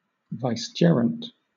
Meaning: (noun) The official administrative deputy of a ruler, head of state, or church official; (adjective) Having or exercising delegated power; acting by substitution, or in the place of another
- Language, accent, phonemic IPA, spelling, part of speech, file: English, Southern England, /vaɪsˈd͡ʒɪəɹənt/, vicegerent, noun / adjective, LL-Q1860 (eng)-vicegerent.wav